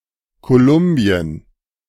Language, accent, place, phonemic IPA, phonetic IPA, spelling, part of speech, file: German, Germany, Berlin, /koˈlʊmbiən/, [kʰoˈlʊmbiən], Kolumbien, proper noun, De-Kolumbien.ogg
- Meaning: Colombia (a country in South America)